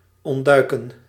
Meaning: to evade
- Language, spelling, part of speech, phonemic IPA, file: Dutch, ontduiken, verb, /ˌɔn(t)ˈdœy̯.kə(n)/, Nl-ontduiken.ogg